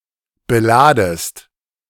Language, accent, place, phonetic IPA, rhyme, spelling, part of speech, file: German, Germany, Berlin, [bəˈlaːdəst], -aːdəst, beladest, verb, De-beladest.ogg
- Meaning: second-person singular subjunctive I of beladen